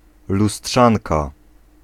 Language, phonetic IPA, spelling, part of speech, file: Polish, [luˈsṭʃãnka], lustrzanka, noun, Pl-lustrzanka.ogg